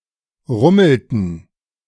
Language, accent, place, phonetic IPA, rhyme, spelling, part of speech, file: German, Germany, Berlin, [ˈʁʊml̩tn̩], -ʊml̩tn̩, rummelten, verb, De-rummelten.ogg
- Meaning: inflection of rummeln: 1. first/third-person plural preterite 2. first/third-person plural subjunctive II